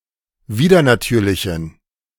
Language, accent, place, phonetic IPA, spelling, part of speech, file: German, Germany, Berlin, [ˈviːdɐnaˌtyːɐ̯lɪçn̩], widernatürlichen, adjective, De-widernatürlichen.ogg
- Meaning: inflection of widernatürlich: 1. strong genitive masculine/neuter singular 2. weak/mixed genitive/dative all-gender singular 3. strong/weak/mixed accusative masculine singular 4. strong dative plural